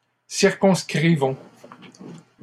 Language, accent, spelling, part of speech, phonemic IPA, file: French, Canada, circonscrivons, verb, /siʁ.kɔ̃s.kʁi.vɔ̃/, LL-Q150 (fra)-circonscrivons.wav
- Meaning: inflection of circonscrire: 1. first-person plural present indicative 2. first-person plural imperative